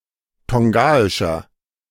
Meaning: 1. comparative degree of tongaisch 2. inflection of tongaisch: strong/mixed nominative masculine singular 3. inflection of tongaisch: strong genitive/dative feminine singular
- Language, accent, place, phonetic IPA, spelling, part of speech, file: German, Germany, Berlin, [ˈtɔŋɡaɪʃɐ], tongaischer, adjective, De-tongaischer.ogg